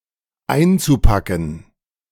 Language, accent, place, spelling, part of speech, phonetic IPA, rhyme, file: German, Germany, Berlin, einzupacken, verb, [ˈaɪ̯nt͡suˌpakn̩], -aɪ̯nt͡supakn̩, De-einzupacken.ogg
- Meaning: zu-infinitive of einpacken